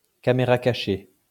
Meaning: candid camera, hidden camera
- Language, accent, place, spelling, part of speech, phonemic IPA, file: French, France, Lyon, caméra cachée, noun, /ka.me.ʁa ka.ʃe/, LL-Q150 (fra)-caméra cachée.wav